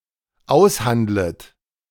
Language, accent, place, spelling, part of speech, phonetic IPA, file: German, Germany, Berlin, aushandlet, verb, [ˈaʊ̯sˌhandlət], De-aushandlet.ogg
- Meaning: second-person plural dependent subjunctive I of aushandeln